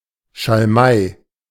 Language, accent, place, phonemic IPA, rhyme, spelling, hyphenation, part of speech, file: German, Germany, Berlin, /ʃalˈmaɪ̯/, -aɪ̯, Schalmei, Schal‧mei, noun, De-Schalmei.ogg
- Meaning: 1. shawm 2. a member of the shawm family